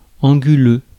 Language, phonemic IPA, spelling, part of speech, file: French, /ɑ̃.ɡy.lø/, anguleux, adjective, Fr-anguleux.ogg
- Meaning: 1. angular, jagged 2. stiff, prickly